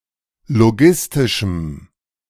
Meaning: strong dative masculine/neuter singular of logistisch
- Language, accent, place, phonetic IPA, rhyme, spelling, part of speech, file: German, Germany, Berlin, [loˈɡɪstɪʃm̩], -ɪstɪʃm̩, logistischem, adjective, De-logistischem.ogg